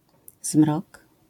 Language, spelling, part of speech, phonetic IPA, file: Polish, zmrok, noun, [zmrɔk], LL-Q809 (pol)-zmrok.wav